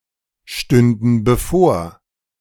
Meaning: first/third-person plural subjunctive II of bevorstehen
- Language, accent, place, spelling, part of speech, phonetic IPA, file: German, Germany, Berlin, stünden bevor, verb, [ˌʃtʏndn̩ bəˈfoːɐ̯], De-stünden bevor.ogg